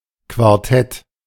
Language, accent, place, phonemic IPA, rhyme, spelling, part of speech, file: German, Germany, Berlin, /kvaʁˈtɛt/, -ɛt, Quartett, noun, De-Quartett.ogg
- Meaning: 1. quartet (music composition in four parts) 2. quartet (group of four musicians) 3. quartet 4. four of a kind